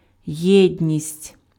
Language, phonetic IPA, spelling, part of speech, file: Ukrainian, [ˈjɛdʲnʲisʲtʲ], єдність, noun, Uk-єдність.ogg
- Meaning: unity